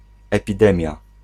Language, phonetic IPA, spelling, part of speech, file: Polish, [ˌɛpʲiˈdɛ̃mʲja], epidemia, noun, Pl-epidemia.ogg